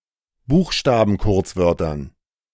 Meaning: dative plural of Buchstabenkurzwort
- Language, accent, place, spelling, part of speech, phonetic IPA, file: German, Germany, Berlin, Buchstabenkurzwörtern, noun, [ˈbuːxʃtaːbn̩ˌkʊʁt͡svœʁtɐn], De-Buchstabenkurzwörtern.ogg